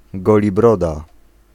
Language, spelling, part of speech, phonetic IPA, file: Polish, golibroda, noun, [ˌɡɔlʲiˈbrɔda], Pl-golibroda.ogg